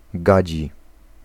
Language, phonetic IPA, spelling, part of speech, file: Polish, [ˈɡad͡ʑi], gadzi, adjective, Pl-gadzi.ogg